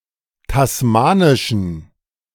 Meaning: inflection of tasmanisch: 1. strong genitive masculine/neuter singular 2. weak/mixed genitive/dative all-gender singular 3. strong/weak/mixed accusative masculine singular 4. strong dative plural
- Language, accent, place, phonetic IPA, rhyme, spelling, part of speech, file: German, Germany, Berlin, [tasˈmaːnɪʃn̩], -aːnɪʃn̩, tasmanischen, adjective, De-tasmanischen.ogg